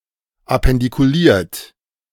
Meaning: appendiculate
- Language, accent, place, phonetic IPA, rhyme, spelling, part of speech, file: German, Germany, Berlin, [apɛndikuˈliːɐ̯t], -iːɐ̯t, appendikuliert, adjective, De-appendikuliert.ogg